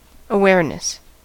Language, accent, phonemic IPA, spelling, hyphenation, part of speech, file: English, US, /əˈwɛɹ.nəs/, awareness, aware‧ness, noun, En-us-awareness.ogg
- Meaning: 1. The state or level of consciousness where sense data can be confirmed by an observer 2. The state or quality of being aware of something